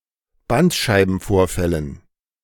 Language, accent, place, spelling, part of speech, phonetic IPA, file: German, Germany, Berlin, Bandscheibenvorfällen, noun, [ˈbantʃaɪ̯bn̩ˌfoːɐ̯fɛlən], De-Bandscheibenvorfällen.ogg
- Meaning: dative plural of Bandscheibenvorfall